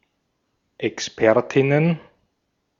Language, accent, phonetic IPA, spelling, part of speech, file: German, Austria, [ɛksˈpɛʁtɪnən], Expertinnen, noun, De-at-Expertinnen.ogg
- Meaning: plural of Expertin